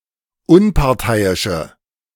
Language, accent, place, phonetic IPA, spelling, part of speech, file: German, Germany, Berlin, [ˈʊnpaʁˌtaɪ̯ɪʃə], Unparteiische, noun, De-Unparteiische.ogg
- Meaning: 1. female equivalent of Unparteiischer: impartial female 2. female equivalent of Unparteiischer: female referee 3. inflection of Unparteiischer: strong nominative/accusative plural